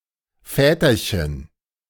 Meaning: diminutive of Vater
- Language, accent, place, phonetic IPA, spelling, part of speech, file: German, Germany, Berlin, [ˈfɛːtɐçən], Väterchen, noun, De-Väterchen.ogg